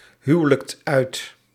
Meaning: inflection of uithuwelijken: 1. second/third-person singular present indicative 2. plural imperative
- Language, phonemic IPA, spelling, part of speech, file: Dutch, /ˈhywᵊləkt ˈœyt/, huwelijkt uit, verb, Nl-huwelijkt uit.ogg